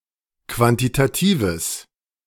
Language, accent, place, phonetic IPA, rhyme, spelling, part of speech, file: German, Germany, Berlin, [ˌkvantitaˈtiːvəs], -iːvəs, quantitatives, adjective, De-quantitatives.ogg
- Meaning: strong/mixed nominative/accusative neuter singular of quantitativ